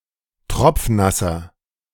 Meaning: inflection of tropfnass: 1. strong/mixed nominative masculine singular 2. strong genitive/dative feminine singular 3. strong genitive plural
- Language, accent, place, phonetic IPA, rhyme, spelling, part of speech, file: German, Germany, Berlin, [ˈtʁɔp͡fˈnasɐ], -asɐ, tropfnasser, adjective, De-tropfnasser.ogg